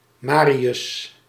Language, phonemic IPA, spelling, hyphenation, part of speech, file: Dutch, /ˈmaː.ri.ʏs/, Marius, Ma‧ri‧us, proper noun, Nl-Marius.ogg
- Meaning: a male given name